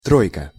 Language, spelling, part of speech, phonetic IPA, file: Russian, тройка, noun, [ˈtrojkə], Ru-тройка.ogg
- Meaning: 1. the number three or anything identifiable by number three 2. three (out of five), C mark, C grade 3. three, trey